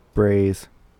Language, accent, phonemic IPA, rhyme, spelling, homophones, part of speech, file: English, US, /bɹeɪz/, -eɪz, brays, braise / braize, noun / verb, En-us-brays.ogg
- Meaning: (noun) plural of bray; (verb) third-person singular simple present indicative of bray